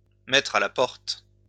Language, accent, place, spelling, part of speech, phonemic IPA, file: French, France, Lyon, mettre à la porte, verb, /mɛ.tʁ‿a la pɔʁt/, LL-Q150 (fra)-mettre à la porte.wav
- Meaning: 1. to kick out, to boot out 2. to give someone the boot, to fire someone (to terminate the employment of)